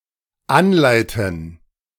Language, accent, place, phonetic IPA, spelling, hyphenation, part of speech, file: German, Germany, Berlin, [ˈanˌlaɪ̯tn̩], anleiten, an‧lei‧ten, verb, De-anleiten.ogg
- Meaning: 1. to guide or to train 2. to incite